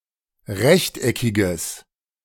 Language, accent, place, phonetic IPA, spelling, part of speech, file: German, Germany, Berlin, [ˈʁɛçtʔɛkɪɡəs], rechteckiges, adjective, De-rechteckiges.ogg
- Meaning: strong/mixed nominative/accusative neuter singular of rechteckig